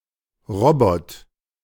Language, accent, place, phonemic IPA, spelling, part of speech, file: German, Germany, Berlin, /ˈʁɔbɔt/, Robot, noun, De-Robot.ogg
- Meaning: socage (compulsory labor for serfs in feudalism)